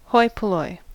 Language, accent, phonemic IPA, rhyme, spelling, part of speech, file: English, US, /ˈhɔɪ pəˌlɔɪ/, -ɔɪ, hoi polloi, noun, En-us-hoi polloi.ogg
- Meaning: 1. The common people; the masses. (Used with or without the definite article.) 2. The elite